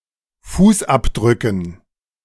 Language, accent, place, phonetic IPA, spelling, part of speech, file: German, Germany, Berlin, [ˈfuːsˌʔapdʁʏkn̩], Fußabdrücken, noun, De-Fußabdrücken.ogg
- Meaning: dative plural of Fußabdruck